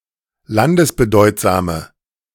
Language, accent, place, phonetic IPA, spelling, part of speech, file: German, Germany, Berlin, [ˈlandəsbəˌdɔɪ̯tzaːmə], landesbedeutsame, adjective, De-landesbedeutsame.ogg
- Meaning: inflection of landesbedeutsam: 1. strong/mixed nominative/accusative feminine singular 2. strong nominative/accusative plural 3. weak nominative all-gender singular